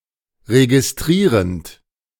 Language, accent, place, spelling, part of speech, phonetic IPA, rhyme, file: German, Germany, Berlin, registrierend, verb, [ʁeɡɪsˈtʁiːʁənt], -iːʁənt, De-registrierend.ogg
- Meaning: present participle of registrieren